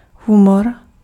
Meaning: humor (US), humour (UK) (source of amusement)
- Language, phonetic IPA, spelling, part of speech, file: Czech, [ˈɦumor], humor, noun, Cs-humor.ogg